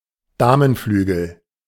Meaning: queenside
- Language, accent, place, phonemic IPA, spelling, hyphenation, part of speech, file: German, Germany, Berlin, /ˈdaːmənˌflyːɡl̩/, Damenflügel, Da‧men‧flü‧gel, noun, De-Damenflügel.ogg